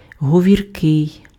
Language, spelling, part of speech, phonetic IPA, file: Ukrainian, говіркий, adjective, [ɦɔʋʲirˈkɪi̯], Uk-говіркий.ogg
- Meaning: talkative, garrulous, loquacious